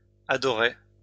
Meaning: first-person singular past historic of adorer
- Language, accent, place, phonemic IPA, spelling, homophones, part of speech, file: French, France, Lyon, /a.dɔ.ʁe/, adorai, adoré / adorée / adorées / adorer / adorés / adorez, verb, LL-Q150 (fra)-adorai.wav